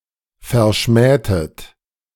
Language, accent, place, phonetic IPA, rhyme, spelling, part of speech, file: German, Germany, Berlin, [fɛɐ̯ˈʃmɛːtət], -ɛːtət, verschmähtet, verb, De-verschmähtet.ogg
- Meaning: inflection of verschmähen: 1. second-person plural preterite 2. second-person plural subjunctive II